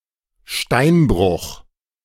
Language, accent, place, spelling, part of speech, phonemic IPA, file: German, Germany, Berlin, Steinbruch, noun / proper noun, /ˈʃtaɪ̯nbʁʊx/, De-Steinbruch.ogg
- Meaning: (noun) quarry (site for mining stone); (proper noun) Kőbánya (a district of Budapest)